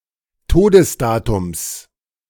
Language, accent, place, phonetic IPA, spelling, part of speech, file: German, Germany, Berlin, [ˈtoːdəsˌdaːtʊms], Todesdatums, noun, De-Todesdatums.ogg
- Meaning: genitive of Todesdatum